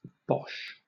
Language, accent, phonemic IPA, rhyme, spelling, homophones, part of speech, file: English, Southern England, /bɒʃ/, -ɒʃ, bosh, Boche / Bosch, noun / interjection / verb, LL-Q1860 (eng)-bosh.wav
- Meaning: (noun) Nonsense; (interjection) An expression of disbelief or annoyance; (noun) 1. The lower part of a blast furnace, between the hearth and the stack 2. A figure